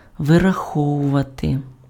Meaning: 1. to calculate (precisely) 2. to withhold
- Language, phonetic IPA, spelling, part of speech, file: Ukrainian, [ʋerɐˈxɔwʊʋɐte], вираховувати, verb, Uk-вираховувати.ogg